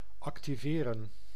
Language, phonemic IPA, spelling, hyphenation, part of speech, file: Dutch, /ɑktiˈveːrə(n)/, activeren, ac‧ti‧ve‧ren, verb, Nl-activeren.ogg
- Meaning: 1. to activate, put into action; render (more) active 2. to enable (to activate a function of an electronic or mechanical device)